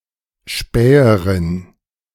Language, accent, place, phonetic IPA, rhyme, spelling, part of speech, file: German, Germany, Berlin, [ˈʃpɛːəʁɪn], -ɛːəʁɪn, Späherin, noun, De-Späherin.ogg
- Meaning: female spy, woman scout